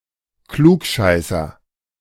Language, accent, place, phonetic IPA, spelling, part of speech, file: German, Germany, Berlin, [ˈkluːkˌʃaɪ̯sɐ], Klugscheißer, noun, De-Klugscheißer.ogg
- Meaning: smart ass, know-it-all